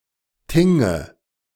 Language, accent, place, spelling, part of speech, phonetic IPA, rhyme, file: German, Germany, Berlin, Thinge, noun, [ˈtɪŋə], -ɪŋə, De-Thinge.ogg
- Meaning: nominative/accusative/genitive plural of Thing